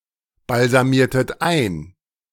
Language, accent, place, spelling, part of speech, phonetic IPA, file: German, Germany, Berlin, balsamiertet ein, verb, [balzaˌmiːɐ̯tət ˈaɪ̯n], De-balsamiertet ein.ogg
- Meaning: inflection of einbalsamieren: 1. second-person plural preterite 2. second-person plural subjunctive II